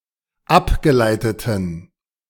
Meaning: inflection of abgeleitet: 1. strong genitive masculine/neuter singular 2. weak/mixed genitive/dative all-gender singular 3. strong/weak/mixed accusative masculine singular 4. strong dative plural
- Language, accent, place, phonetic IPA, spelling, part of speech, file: German, Germany, Berlin, [ˈapɡəˌlaɪ̯tətn̩], abgeleiteten, adjective, De-abgeleiteten.ogg